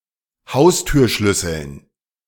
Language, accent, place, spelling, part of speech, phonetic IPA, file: German, Germany, Berlin, Haustürschlüsseln, noun, [ˈhaʊ̯styːɐ̯ˌʃlʏsl̩n], De-Haustürschlüsseln.ogg
- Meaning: dative plural of Haustürschlüssel